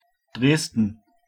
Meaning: Dresden (the capital city of Saxony, Germany, on the River Elbe)
- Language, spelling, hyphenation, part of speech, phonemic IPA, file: German, Dresden, Dres‧den, proper noun, /ˈdʁeːsdn̩/, De-Dresden.oga